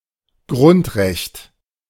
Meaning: basic right, fundamental right
- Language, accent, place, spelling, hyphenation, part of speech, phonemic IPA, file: German, Germany, Berlin, Grundrecht, Grund‧recht, noun, /ˈɡʁʊntˌʁɛçt/, De-Grundrecht.ogg